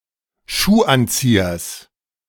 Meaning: genitive singular of Schuhanzieher
- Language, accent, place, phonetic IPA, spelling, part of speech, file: German, Germany, Berlin, [ˈʃuːˌʔant͡siːɐs], Schuhanziehers, noun, De-Schuhanziehers.ogg